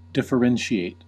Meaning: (verb) 1. To modify so as to create a difference or distinction 2. To show or be the difference or distinction between things 3. To recognize as different or distinct
- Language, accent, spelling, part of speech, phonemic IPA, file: English, US, differentiate, verb / noun, /ˌdɪf.əˈɹɛn.ʃi.eɪt/, En-us-differentiate.ogg